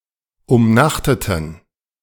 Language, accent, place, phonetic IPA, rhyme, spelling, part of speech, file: German, Germany, Berlin, [ʊmˈnaxtətn̩], -axtətn̩, umnachteten, adjective, De-umnachteten.ogg
- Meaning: inflection of umnachtet: 1. strong genitive masculine/neuter singular 2. weak/mixed genitive/dative all-gender singular 3. strong/weak/mixed accusative masculine singular 4. strong dative plural